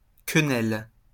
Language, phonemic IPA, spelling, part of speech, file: French, /kə.nɛl/, quenelle, noun, LL-Q150 (fra)-quenelle.wav
- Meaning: 1. dumpling, quenelle 2. penis 3. quenelle (gesture)